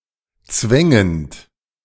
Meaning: present participle of zwängen
- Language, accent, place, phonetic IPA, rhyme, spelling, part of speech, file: German, Germany, Berlin, [ˈt͡svɛŋənt], -ɛŋənt, zwängend, verb, De-zwängend.ogg